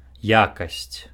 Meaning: quality
- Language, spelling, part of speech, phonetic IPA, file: Belarusian, якасць, noun, [ˈjakasʲt͡sʲ], Be-якасць.ogg